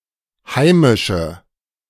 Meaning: inflection of heimisch: 1. strong/mixed nominative/accusative feminine singular 2. strong nominative/accusative plural 3. weak nominative all-gender singular
- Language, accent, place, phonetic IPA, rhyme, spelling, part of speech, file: German, Germany, Berlin, [ˈhaɪ̯mɪʃə], -aɪ̯mɪʃə, heimische, adjective, De-heimische.ogg